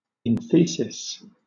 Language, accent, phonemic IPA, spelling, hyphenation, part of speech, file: English, Southern England, /ɪnˈθiː.sɪs/, enthesis, en‧the‧sis, noun, LL-Q1860 (eng)-enthesis.wav
- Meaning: The insertion point at which a tendon, ligament, or muscle inserts into a bone